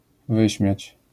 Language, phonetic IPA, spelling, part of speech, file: Polish, [ˈvɨɕmʲjät͡ɕ], wyśmiać, verb, LL-Q809 (pol)-wyśmiać.wav